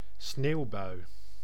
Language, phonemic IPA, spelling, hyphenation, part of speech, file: Dutch, /ˈsneːu̯.bœy̯/, sneeuwbui, sneeuw‧bui, noun, Nl-sneeuwbui.ogg
- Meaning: bout of snow, (period of) snowfall, (mild) snowstorm (meteorological phenomenon of continuous snowfall over a certain period)